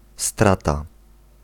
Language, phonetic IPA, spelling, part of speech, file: Polish, [ˈstrata], strata, noun, Pl-strata.ogg